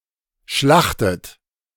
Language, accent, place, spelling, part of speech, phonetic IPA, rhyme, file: German, Germany, Berlin, schlachtet, verb, [ˈʃlaxtət], -axtət, De-schlachtet.ogg
- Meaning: inflection of schlachten: 1. third-person singular present 2. second-person plural present 3. second-person plural subjunctive I 4. plural imperative